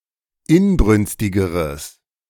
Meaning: strong/mixed nominative/accusative neuter singular comparative degree of inbrünstig
- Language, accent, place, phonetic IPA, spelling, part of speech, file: German, Germany, Berlin, [ˈɪnˌbʁʏnstɪɡəʁəs], inbrünstigeres, adjective, De-inbrünstigeres.ogg